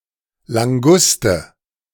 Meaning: rock lobster, spiny lobster (crustacean of the family Palinuridae)
- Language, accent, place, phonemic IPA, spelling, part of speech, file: German, Germany, Berlin, /laŋˈɡustə/, Languste, noun, De-Languste.ogg